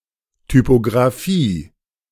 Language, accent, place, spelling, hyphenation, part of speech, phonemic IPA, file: German, Germany, Berlin, Typografie, Ty‧po‧gra‧fie, noun, /typoɡʁaˈfiː/, De-Typografie.ogg
- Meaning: alternative form of Typographie